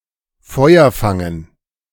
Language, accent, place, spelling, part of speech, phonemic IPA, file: German, Germany, Berlin, Feuer fangen, verb, /ˈfɔɪ̯ɐ ˌfaŋən/, De-Feuer fangen.ogg
- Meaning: to catch fire